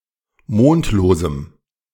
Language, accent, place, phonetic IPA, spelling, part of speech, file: German, Germany, Berlin, [ˈmoːntloːzm̩], mondlosem, adjective, De-mondlosem.ogg
- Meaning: strong dative masculine/neuter singular of mondlos